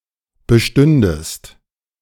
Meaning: second-person singular subjunctive II of bestehen
- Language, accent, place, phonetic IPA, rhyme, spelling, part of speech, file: German, Germany, Berlin, [bəˈʃtʏndəst], -ʏndəst, bestündest, verb, De-bestündest.ogg